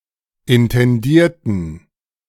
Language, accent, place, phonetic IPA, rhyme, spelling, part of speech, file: German, Germany, Berlin, [ɪntɛnˈdiːɐ̯tn̩], -iːɐ̯tn̩, intendierten, adjective / verb, De-intendierten.ogg
- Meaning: inflection of intendiert: 1. strong genitive masculine/neuter singular 2. weak/mixed genitive/dative all-gender singular 3. strong/weak/mixed accusative masculine singular 4. strong dative plural